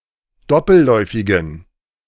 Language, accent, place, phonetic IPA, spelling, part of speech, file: German, Germany, Berlin, [ˈdɔpl̩ˌlɔɪ̯fɪɡn̩], doppelläufigen, adjective, De-doppelläufigen.ogg
- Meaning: inflection of doppelläufig: 1. strong genitive masculine/neuter singular 2. weak/mixed genitive/dative all-gender singular 3. strong/weak/mixed accusative masculine singular 4. strong dative plural